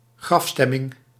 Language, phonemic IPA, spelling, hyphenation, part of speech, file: Dutch, /ˈɣrɑfˌstɛ.mɪŋ/, grafstemming, graf‧stem‧ming, noun, Nl-grafstemming.ogg
- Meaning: a very depressed, melancholic mood